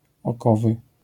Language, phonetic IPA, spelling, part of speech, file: Polish, [ɔˈkɔvɨ], okowy, noun, LL-Q809 (pol)-okowy.wav